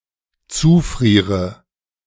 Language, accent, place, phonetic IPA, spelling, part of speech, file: German, Germany, Berlin, [ˈt͡suːˌfʁiːʁə], zufriere, verb, De-zufriere.ogg
- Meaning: inflection of zufrieren: 1. first-person singular dependent present 2. first/third-person singular dependent subjunctive I